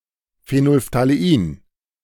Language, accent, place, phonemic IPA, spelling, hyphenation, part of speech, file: German, Germany, Berlin, /feˌnoːlftaleˈiːn/, Phenolphthalein, Phe‧nol‧ph‧tha‧le‧in, noun, De-Phenolphthalein.ogg
- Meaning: phenolphthalein